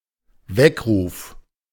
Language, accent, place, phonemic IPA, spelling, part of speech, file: German, Germany, Berlin, /ˈvɛkˌʁuːf/, Weckruf, noun, De-Weckruf.ogg
- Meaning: wake-up call